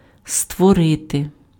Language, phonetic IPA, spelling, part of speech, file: Ukrainian, [stwɔˈrɪte], створити, verb, Uk-створити.ogg
- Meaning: to create, make, produce